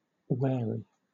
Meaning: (adjective) 1. Cautious of danger; carefully watching and guarding against deception, trickery, and dangers; suspiciously prudent 2. Characterized by caution; guarded; careful; on one's guard
- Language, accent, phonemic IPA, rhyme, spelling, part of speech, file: English, Southern England, /ˈwɛə.ɹi/, -ɛəɹi, wary, adjective / verb, LL-Q1860 (eng)-wary.wav